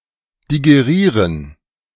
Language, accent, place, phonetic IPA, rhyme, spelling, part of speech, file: German, Germany, Berlin, [diɡeˈʁiːʁən], -iːʁən, digerieren, verb, De-digerieren.ogg
- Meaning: to digest